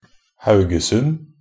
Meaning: a city and municipality of Rogaland, Norway
- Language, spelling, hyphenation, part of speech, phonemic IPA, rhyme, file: Norwegian Bokmål, Haugesund, Hau‧ge‧sund, proper noun, /ˈhæʉɡəsʉn/, -ʉn, Nb-haugesund.ogg